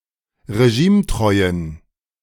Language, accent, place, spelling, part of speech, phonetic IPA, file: German, Germany, Berlin, regimetreuen, adjective, [ʁeˈʒiːmˌtʁɔɪ̯ən], De-regimetreuen.ogg
- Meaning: inflection of regimetreu: 1. strong genitive masculine/neuter singular 2. weak/mixed genitive/dative all-gender singular 3. strong/weak/mixed accusative masculine singular 4. strong dative plural